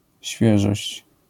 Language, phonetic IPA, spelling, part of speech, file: Polish, [ˈɕfʲjɛʒɔɕt͡ɕ], świeżość, noun, LL-Q809 (pol)-świeżość.wav